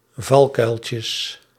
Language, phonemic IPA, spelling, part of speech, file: Dutch, /ˈvɑlkœylcəs/, valkuiltjes, noun, Nl-valkuiltjes.ogg
- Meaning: plural of valkuiltje